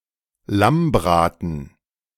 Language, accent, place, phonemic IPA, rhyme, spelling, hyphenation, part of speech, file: German, Germany, Berlin, /ˈlamˌbʁaːtn̩/, -aːtn̩, Lammbraten, Lamm‧bra‧ten, noun, De-Lammbraten.ogg
- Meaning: roast lamb